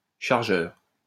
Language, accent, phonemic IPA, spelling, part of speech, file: French, France, /ʃaʁ.ʒœʁ/, chargeur, noun, LL-Q150 (fra)-chargeur.wav
- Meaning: 1. stoker, fireman 2. cassette, film-holder 3. loader, shipper, freighter, shipping agent 4. ammo clip 5. loader (of cannons) 6. charger